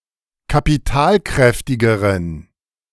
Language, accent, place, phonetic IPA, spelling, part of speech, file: German, Germany, Berlin, [kapiˈtaːlˌkʁɛftɪɡəʁən], kapitalkräftigeren, adjective, De-kapitalkräftigeren.ogg
- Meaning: inflection of kapitalkräftig: 1. strong genitive masculine/neuter singular comparative degree 2. weak/mixed genitive/dative all-gender singular comparative degree